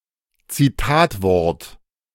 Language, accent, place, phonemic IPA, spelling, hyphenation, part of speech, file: German, Germany, Berlin, /t͡sɪˈtaːtˌvɔʁt/, Zitatwort, Zi‧tat‧wort, noun, De-Zitatwort.ogg
- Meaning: 1. foreign word, used to designate foreign objects or concepts 2. foreign word, whose spelling, flexion, pronunciation, etc. is unadapted to the target language